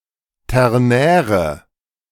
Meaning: inflection of ternär: 1. strong/mixed nominative/accusative feminine singular 2. strong nominative/accusative plural 3. weak nominative all-gender singular 4. weak accusative feminine/neuter singular
- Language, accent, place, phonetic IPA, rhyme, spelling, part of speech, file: German, Germany, Berlin, [ˌtɛʁˈnɛːʁə], -ɛːʁə, ternäre, adjective, De-ternäre.ogg